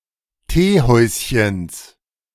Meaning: genitive singular of Teehäuschen
- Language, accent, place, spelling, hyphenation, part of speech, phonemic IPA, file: German, Germany, Berlin, Teehäuschens, Tee‧häus‧chens, noun, /ˈteːˌˈhɔɪ̯sçəns/, De-Teehäuschens.ogg